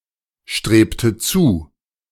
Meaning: inflection of zustreben: 1. first/third-person singular preterite 2. first/third-person singular subjunctive II
- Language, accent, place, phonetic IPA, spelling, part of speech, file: German, Germany, Berlin, [ˌʃtʁeːptə ˈt͡suː], strebte zu, verb, De-strebte zu.ogg